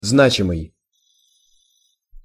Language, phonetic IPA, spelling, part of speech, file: Russian, [ˈznat͡ɕɪmɨj], значимый, adjective, Ru-значимый.ogg
- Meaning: 1. significant, meaningful, important 2. meaningful